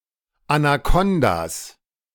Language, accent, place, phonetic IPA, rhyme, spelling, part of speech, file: German, Germany, Berlin, [anaˈkɔndas], -ɔndas, Anakondas, noun, De-Anakondas.ogg
- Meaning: plural of Anakonda